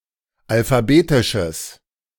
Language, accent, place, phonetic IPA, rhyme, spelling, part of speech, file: German, Germany, Berlin, [alfaˈbeːtɪʃəs], -eːtɪʃəs, alphabetisches, adjective, De-alphabetisches.ogg
- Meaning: strong/mixed nominative/accusative neuter singular of alphabetisch